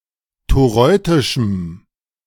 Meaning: strong dative masculine/neuter singular of toreutisch
- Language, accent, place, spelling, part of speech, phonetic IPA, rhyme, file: German, Germany, Berlin, toreutischem, adjective, [toˈʁɔɪ̯tɪʃm̩], -ɔɪ̯tɪʃm̩, De-toreutischem.ogg